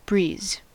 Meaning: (noun) 1. A light, gentle wind 2. Any activity that is easy, not testing or difficult 3. Wind blowing across a cricket match, whatever its strength
- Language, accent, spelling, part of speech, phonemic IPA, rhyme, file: English, US, breeze, noun / verb, /bɹiːz/, -iːz, En-us-breeze.ogg